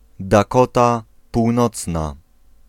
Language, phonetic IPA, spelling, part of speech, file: Polish, [daˈkɔta puwˈnɔt͡sna], Dakota Północna, proper noun, Pl-Dakota Północna.ogg